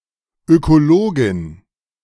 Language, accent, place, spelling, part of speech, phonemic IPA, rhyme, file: German, Germany, Berlin, Ökologin, noun, /ˌøkoˈloːɡɪn/, -oːɡɪn, De-Ökologin.ogg
- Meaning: female equivalent of Ökologe (“ecologist”)